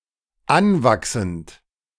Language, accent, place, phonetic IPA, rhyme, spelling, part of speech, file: German, Germany, Berlin, [ˈanˌvaksn̩t], -anvaksn̩t, anwachsend, verb, De-anwachsend.ogg
- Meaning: present participle of anwachsen